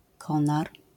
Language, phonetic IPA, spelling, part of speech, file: Polish, [ˈkɔ̃nar], konar, noun, LL-Q809 (pol)-konar.wav